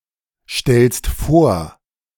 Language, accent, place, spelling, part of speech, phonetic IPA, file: German, Germany, Berlin, stellst vor, verb, [ˌʃtɛlst ˈfoːɐ̯], De-stellst vor.ogg
- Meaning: second-person singular present of vorstellen